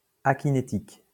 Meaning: 1. akinetic 2. akinesic
- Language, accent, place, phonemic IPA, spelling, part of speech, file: French, France, Lyon, /a.ki.ne.tik/, akinétique, adjective, LL-Q150 (fra)-akinétique.wav